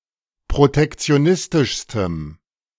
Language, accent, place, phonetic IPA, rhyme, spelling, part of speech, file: German, Germany, Berlin, [pʁotɛkt͡si̯oˈnɪstɪʃstəm], -ɪstɪʃstəm, protektionistischstem, adjective, De-protektionistischstem.ogg
- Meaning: strong dative masculine/neuter singular superlative degree of protektionistisch